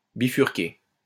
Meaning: 1. to bifurcate (split in two) 2. to change direction (without necessarily splitting)
- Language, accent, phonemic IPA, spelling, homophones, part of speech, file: French, France, /bi.fyʁ.ke/, bifurquer, bifurquai / bifurqué / bifurquée / bifurquées / bifurqués / bifurquez, verb, LL-Q150 (fra)-bifurquer.wav